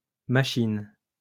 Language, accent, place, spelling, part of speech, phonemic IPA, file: French, France, Lyon, machines, noun, /ma.ʃin/, LL-Q150 (fra)-machines.wav
- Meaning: plural of machine